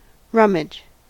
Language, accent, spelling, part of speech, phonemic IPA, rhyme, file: English, US, rummage, verb / noun, /ˈɹʌm.ɪd͡ʒ/, -ʌmɪdʒ, En-us-rummage.ogg
- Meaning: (verb) 1. To arrange (cargo, goods, etc.) in the hold of a ship; to move or rearrange such goods 2. To search a vessel for smuggled goods